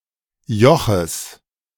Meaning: genitive singular of Joch
- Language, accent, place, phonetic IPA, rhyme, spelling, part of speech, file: German, Germany, Berlin, [ˈjɔxəs], -ɔxəs, Joches, noun, De-Joches.ogg